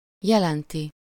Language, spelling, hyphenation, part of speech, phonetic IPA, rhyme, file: Hungarian, jelenti, je‧len‧ti, verb, [ˈjɛlɛnti], -ti, Hu-jelenti.ogg
- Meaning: third-person singular indicative present definite of jelent